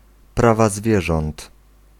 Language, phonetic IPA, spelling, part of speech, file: Polish, [ˈprava ˈzvʲjɛʒɔ̃nt], prawa zwierząt, noun, Pl-prawa zwierząt.ogg